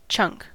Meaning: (noun) A part of something that has been separated; a generally squat, thick, irregular piece of something, e.g. wood or stone
- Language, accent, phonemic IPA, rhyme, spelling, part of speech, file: English, US, /t͡ʃʌŋk/, -ʌŋk, chunk, noun / verb, En-us-chunk.ogg